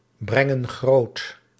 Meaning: inflection of grootbrengen: 1. plural present indicative 2. plural present subjunctive
- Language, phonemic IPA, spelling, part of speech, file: Dutch, /ˈbrɛŋə(n) ˈɣrot/, brengen groot, verb, Nl-brengen groot.ogg